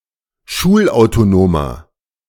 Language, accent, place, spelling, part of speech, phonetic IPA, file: German, Germany, Berlin, schulautonomer, adjective, [ˈʃuːlʔaʊ̯toˌnoːmɐ], De-schulautonomer.ogg
- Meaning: inflection of schulautonom: 1. strong/mixed nominative masculine singular 2. strong genitive/dative feminine singular 3. strong genitive plural